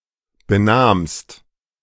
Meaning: second-person singular preterite of benehmen
- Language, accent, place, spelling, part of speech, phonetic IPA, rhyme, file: German, Germany, Berlin, benahmst, verb, [bəˈnaːmst], -aːmst, De-benahmst.ogg